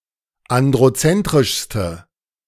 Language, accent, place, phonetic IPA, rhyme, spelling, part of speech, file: German, Germany, Berlin, [ˌandʁoˈt͡sɛntʁɪʃstə], -ɛntʁɪʃstə, androzentrischste, adjective, De-androzentrischste.ogg
- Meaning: inflection of androzentrisch: 1. strong/mixed nominative/accusative feminine singular superlative degree 2. strong nominative/accusative plural superlative degree